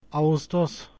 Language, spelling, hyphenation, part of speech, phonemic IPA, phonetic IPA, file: Turkish, ağustos, a‧ğus‧tos, noun, /a.usˈtos/, [ɑu̯sˈtos], Ağustos.ogg
- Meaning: August